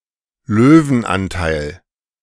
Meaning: lion's share
- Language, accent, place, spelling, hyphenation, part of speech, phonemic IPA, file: German, Germany, Berlin, Löwenanteil, Lö‧wen‧an‧teil, noun, /ˈløːvn̩ˌʔantaɪ̯l/, De-Löwenanteil.ogg